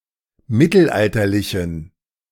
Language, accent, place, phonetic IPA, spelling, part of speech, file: German, Germany, Berlin, [ˈmɪtl̩ˌʔaltɐlɪçn̩], mittelalterlichen, adjective, De-mittelalterlichen.ogg
- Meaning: inflection of mittelalterlich: 1. strong genitive masculine/neuter singular 2. weak/mixed genitive/dative all-gender singular 3. strong/weak/mixed accusative masculine singular 4. strong dative plural